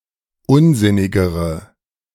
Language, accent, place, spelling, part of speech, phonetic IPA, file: German, Germany, Berlin, unsinnigere, adjective, [ˈʊnˌzɪnɪɡəʁə], De-unsinnigere.ogg
- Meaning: inflection of unsinnig: 1. strong/mixed nominative/accusative feminine singular comparative degree 2. strong nominative/accusative plural comparative degree